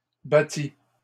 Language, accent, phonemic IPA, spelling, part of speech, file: French, Canada, /ba.ti/, battis, verb, LL-Q150 (fra)-battis.wav
- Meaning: first/second-person singular past historic of battre